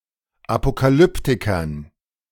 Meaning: dative plural of Apokalyptiker
- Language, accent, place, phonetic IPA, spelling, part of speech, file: German, Germany, Berlin, [apokaˈlʏptɪkɐn], Apokalyptikern, noun, De-Apokalyptikern.ogg